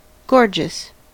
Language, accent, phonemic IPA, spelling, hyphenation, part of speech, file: English, US, /ˈɡoɹd͡ʒəs/, gorgeous, gor‧geous, adjective, En-us-gorgeous.ogg
- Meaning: 1. Sumptuously dressed 2. Very beautiful 3. Very enjoyable, pleasant, tasty, etc